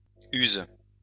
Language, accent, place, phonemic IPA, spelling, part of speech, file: French, France, Lyon, /yz/, use, verb, LL-Q150 (fra)-use.wav
- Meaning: inflection of user: 1. first/third-person singular present indicative/subjunctive 2. second-person singular imperative